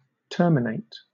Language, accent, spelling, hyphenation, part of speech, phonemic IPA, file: English, Southern England, terminate, ter‧mi‧nate, verb, /ˈtɜːmɪneɪ̯t/, LL-Q1860 (eng)-terminate.wav
- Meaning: 1. To end something, especially when left in an incomplete state 2. To conclude 3. To set or be a limit or boundary to